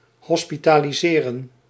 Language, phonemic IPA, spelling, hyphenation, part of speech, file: Dutch, /ˌɦɔs.pi.taː.liˈzeː.rə(n)/, hospitaliseren, hos‧pi‧ta‧li‧se‧ren, verb, Nl-hospitaliseren.ogg
- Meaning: to hospitalise, to admit into a hospital